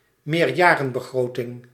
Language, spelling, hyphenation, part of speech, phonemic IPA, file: Dutch, meerjarenbegroting, meer‧ja‧ren‧be‧gro‧ting, noun, /meːrˈjaː.rə(n).bəˌɣroː.tɪŋ/, Nl-meerjarenbegroting.ogg
- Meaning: multi-annual budget, long-term budget